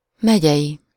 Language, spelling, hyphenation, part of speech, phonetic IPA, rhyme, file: Hungarian, megyei, me‧gyei, adjective, [ˈmɛɟɛji], -ji, Hu-megyei.ogg
- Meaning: county, county-related, pertaining to a county